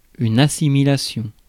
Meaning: assimilation
- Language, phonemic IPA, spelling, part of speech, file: French, /a.si.mi.la.sjɔ̃/, assimilation, noun, Fr-assimilation.ogg